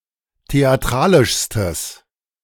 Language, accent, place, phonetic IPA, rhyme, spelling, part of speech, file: German, Germany, Berlin, [teaˈtʁaːlɪʃstəs], -aːlɪʃstəs, theatralischstes, adjective, De-theatralischstes.ogg
- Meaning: strong/mixed nominative/accusative neuter singular superlative degree of theatralisch